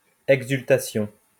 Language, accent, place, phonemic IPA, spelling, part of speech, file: French, France, Lyon, /ɛɡ.zyl.ta.sjɔ̃/, exultation, noun, LL-Q150 (fra)-exultation.wav
- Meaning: exultation